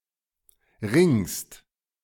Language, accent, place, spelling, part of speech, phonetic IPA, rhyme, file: German, Germany, Berlin, ringst, verb, [ʁɪŋst], -ɪŋst, De-ringst.ogg
- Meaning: second-person singular present of ringen